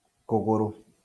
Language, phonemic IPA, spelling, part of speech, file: Kikuyu, /kòɣòɾò(ꜜ)/, kũgũrũ, noun, LL-Q33587 (kik)-kũgũrũ.wav
- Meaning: leg